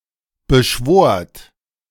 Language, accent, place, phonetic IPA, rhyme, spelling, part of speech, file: German, Germany, Berlin, [bəˈʃvoːɐ̯t], -oːɐ̯t, beschwort, verb, De-beschwort.ogg
- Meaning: second-person plural preterite of beschwören